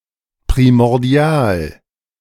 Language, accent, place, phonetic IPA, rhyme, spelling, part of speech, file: German, Germany, Berlin, [pʁimɔʁˈdi̯aːl], -aːl, primordial, adjective, De-primordial.ogg
- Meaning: primordial